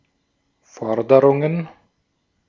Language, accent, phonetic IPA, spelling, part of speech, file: German, Austria, [ˈfɔʁdəʁʊŋən], Forderungen, noun, De-at-Forderungen.ogg
- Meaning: plural of Forderung